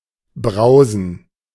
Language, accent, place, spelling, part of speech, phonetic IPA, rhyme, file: German, Germany, Berlin, Brausen, noun, [ˈbʁaʊ̯zn̩], -aʊ̯zn̩, De-Brausen.ogg
- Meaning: plural of Brause